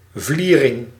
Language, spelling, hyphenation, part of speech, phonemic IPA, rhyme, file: Dutch, vliering, vlie‧ring, noun, /ˈvli.rɪŋ/, -irɪŋ, Nl-vliering.ogg
- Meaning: garret